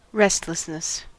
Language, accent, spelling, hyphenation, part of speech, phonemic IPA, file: English, US, restlessness, rest‧less‧ness, noun, /ˈɹɛstləsnəs/, En-us-restlessness.ogg
- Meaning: The state or condition of being restless; an inability to be still, quiet, at peace or comfortable; a feeling of discomfort with stillness causes by anxiety, boredom or other emotions